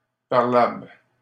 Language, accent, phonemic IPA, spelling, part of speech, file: French, Canada, /paʁ.labl/, parlable, adjective, LL-Q150 (fra)-parlable.wav
- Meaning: reasonable